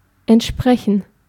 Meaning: 1. to correspond (be equivalent or similar in character, etc.) 2. to meet (satisfy, comply with)
- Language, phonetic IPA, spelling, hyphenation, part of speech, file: German, [ʔɛntˈʃpʁɛçən], entsprechen, ent‧spre‧chen, verb, De-entsprechen.ogg